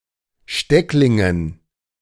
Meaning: dative plural of Steckling
- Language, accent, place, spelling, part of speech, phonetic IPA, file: German, Germany, Berlin, Stecklingen, noun, [ˈʃtɛklɪŋən], De-Stecklingen.ogg